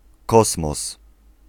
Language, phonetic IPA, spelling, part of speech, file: Polish, [ˈkɔsmɔs], kosmos, noun, Pl-kosmos.ogg